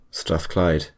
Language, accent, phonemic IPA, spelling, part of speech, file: English, UK, /stɹæθˈklaɪd/, Strathclyde, proper noun, En-uk-Strathclyde.ogg
- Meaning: A former local government region in the west of Scotland, created in 1975, abolished in 1996